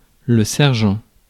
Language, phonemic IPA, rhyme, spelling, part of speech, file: French, /sɛʁ.ʒɑ̃/, -ɑ̃, sergent, noun, Fr-sergent.ogg
- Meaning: sergeant